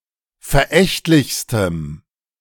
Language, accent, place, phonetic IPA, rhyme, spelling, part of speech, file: German, Germany, Berlin, [fɛɐ̯ˈʔɛçtlɪçstəm], -ɛçtlɪçstəm, verächtlichstem, adjective, De-verächtlichstem.ogg
- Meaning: strong dative masculine/neuter singular superlative degree of verächtlich